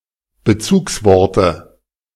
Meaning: dative singular of Bezugswort
- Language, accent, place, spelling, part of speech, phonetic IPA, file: German, Germany, Berlin, Bezugsworte, noun, [bəˈt͡suːksˌvɔʁtə], De-Bezugsworte.ogg